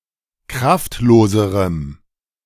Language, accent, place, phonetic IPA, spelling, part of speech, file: German, Germany, Berlin, [ˈkʁaftˌloːzəʁəm], kraftloserem, adjective, De-kraftloserem.ogg
- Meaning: strong dative masculine/neuter singular comparative degree of kraftlos